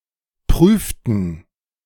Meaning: inflection of prüfen: 1. first/third-person plural preterite 2. first/third-person plural subjunctive II
- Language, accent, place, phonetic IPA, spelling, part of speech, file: German, Germany, Berlin, [ˈpʁyːftn̩], prüften, verb, De-prüften.ogg